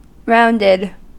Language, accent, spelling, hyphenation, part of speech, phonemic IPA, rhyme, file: English, US, rounded, round‧ed, verb / adjective, /ˈɹaʊndɪd/, -aʊndɪd, En-us-rounded.ogg
- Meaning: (verb) simple past and past participle of round; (adjective) 1. Made into a circle or sphere 2. Complete or balanced 3. Describing a number that has been changed to its nearest desired value